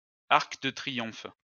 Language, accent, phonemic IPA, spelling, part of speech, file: French, France, /aʁk də tʁi.jɔ̃f/, arc de triomphe, noun, LL-Q150 (fra)-arc de triomphe.wav
- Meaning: triumphal arch (monumental arch commemorating a triumph, such as a military victory)